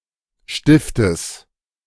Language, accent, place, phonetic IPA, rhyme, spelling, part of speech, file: German, Germany, Berlin, [ˈʃtɪftəs], -ɪftəs, Stiftes, noun, De-Stiftes.ogg
- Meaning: genitive singular of Stift